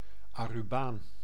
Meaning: 1. inhabitant of Aruba 2. person of Aruban descent
- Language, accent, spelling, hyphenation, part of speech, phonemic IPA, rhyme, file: Dutch, Netherlands, Arubaan, Aru‧baan, noun, /aː.ruˈbaːn/, -aːn, Nl-Arubaan.ogg